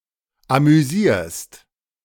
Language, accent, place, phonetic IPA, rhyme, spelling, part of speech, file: German, Germany, Berlin, [amyˈziːɐ̯st], -iːɐ̯st, amüsierst, verb, De-amüsierst.ogg
- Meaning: second-person singular present of amüsieren